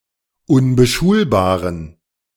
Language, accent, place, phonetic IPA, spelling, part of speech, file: German, Germany, Berlin, [ʊnbəˈʃuːlbaːʁən], unbeschulbaren, adjective, De-unbeschulbaren.ogg
- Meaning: inflection of unbeschulbar: 1. strong genitive masculine/neuter singular 2. weak/mixed genitive/dative all-gender singular 3. strong/weak/mixed accusative masculine singular 4. strong dative plural